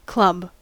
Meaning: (noun) A heavy object, often a kind of stick, intended for use as a bludgeoning weapon or a plaything
- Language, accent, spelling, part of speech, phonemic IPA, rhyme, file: English, US, club, noun / verb, /klʌb/, -ʌb, En-us-club.ogg